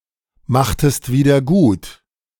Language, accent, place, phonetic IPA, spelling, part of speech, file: German, Germany, Berlin, [ˌmaxtəst ˌviːdɐ ˈɡuːt], machtest wieder gut, verb, De-machtest wieder gut.ogg
- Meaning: inflection of wiedergutmachen: 1. second-person singular preterite 2. second-person singular subjunctive II